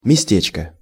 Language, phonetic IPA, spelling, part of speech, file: Russian, [mʲɪˈsʲtʲet͡ɕkə], местечко, noun, Ru-местечко.ogg
- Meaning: 1. diminutive of ме́сто (mésto) 2. A small village or town on the territory of the former Polish–Lithuanian Commonwealth 3. A shtetl, small Jewish village